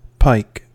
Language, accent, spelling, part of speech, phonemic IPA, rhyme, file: English, General American, pike, noun / verb, /paɪk/, -aɪk, En-us-pike.ogg
- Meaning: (noun) A very long spear used two-handed by infantry soldiers for thrusting (not throwing), both for attacks on enemy foot soldiers and as a countermeasure against cavalry assaults